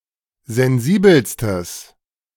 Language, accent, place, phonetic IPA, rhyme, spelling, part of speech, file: German, Germany, Berlin, [zɛnˈziːbl̩stəs], -iːbl̩stəs, sensibelstes, adjective, De-sensibelstes.ogg
- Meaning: strong/mixed nominative/accusative neuter singular superlative degree of sensibel